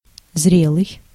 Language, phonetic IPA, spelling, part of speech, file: Russian, [ˈzrʲeɫɨj], зрелый, adjective, Ru-зрелый.ogg
- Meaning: 1. mature 2. ripe